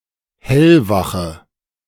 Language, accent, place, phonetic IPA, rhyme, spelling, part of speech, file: German, Germany, Berlin, [ˈhɛlvaxə], -axə, hellwache, adjective, De-hellwache.ogg
- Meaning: inflection of hellwach: 1. strong/mixed nominative/accusative feminine singular 2. strong nominative/accusative plural 3. weak nominative all-gender singular